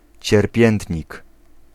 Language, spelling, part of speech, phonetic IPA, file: Polish, cierpiętnik, noun, [t͡ɕɛrˈpʲjɛ̃ntʲɲik], Pl-cierpiętnik.ogg